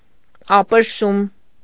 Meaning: alternative form of աբրեշում (abrešum)
- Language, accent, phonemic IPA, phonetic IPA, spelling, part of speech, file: Armenian, Eastern Armenian, /ɑpəɾˈʃum/, [ɑpəɾʃúm], ապրշում, noun, Hy-ապրշում.ogg